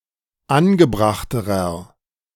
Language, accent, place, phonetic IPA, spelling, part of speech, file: German, Germany, Berlin, [ˈanɡəˌbʁaxtəʁɐ], angebrachterer, adjective, De-angebrachterer.ogg
- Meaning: inflection of angebracht: 1. strong/mixed nominative masculine singular comparative degree 2. strong genitive/dative feminine singular comparative degree 3. strong genitive plural comparative degree